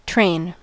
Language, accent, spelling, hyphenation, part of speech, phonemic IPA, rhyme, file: English, US, train, train, noun / verb, /ˈtɹeɪn/, -eɪn, En-us-train.ogg
- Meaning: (noun) Elongated or trailing portion.: The elongated back portion of a dress or skirt (or an ornamental piece of material added to similar effect), which drags along the ground